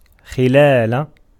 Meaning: during, in the course of
- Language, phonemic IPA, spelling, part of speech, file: Arabic, /xi.laː.la/, خلال, preposition, Ar-خلال.ogg